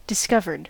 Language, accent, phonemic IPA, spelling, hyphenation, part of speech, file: English, US, /dɪsˈkʌvɚd/, discovered, dis‧cov‧ered, verb, En-us-discovered.ogg
- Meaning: simple past and past participle of discover